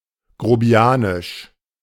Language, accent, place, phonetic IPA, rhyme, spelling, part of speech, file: German, Germany, Berlin, [ɡʁoˈbi̯aːnɪʃ], -aːnɪʃ, grobianisch, adjective, De-grobianisch.ogg
- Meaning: crude, rough